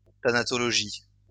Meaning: thanatology
- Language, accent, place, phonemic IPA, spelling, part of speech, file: French, France, Lyon, /ta.na.tɔ.lɔ.ʒi/, thanatologie, noun, LL-Q150 (fra)-thanatologie.wav